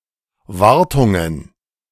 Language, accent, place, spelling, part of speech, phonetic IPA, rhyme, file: German, Germany, Berlin, Wartungen, noun, [ˈvaʁtʊŋən], -aʁtʊŋən, De-Wartungen.ogg
- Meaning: plural of Wartung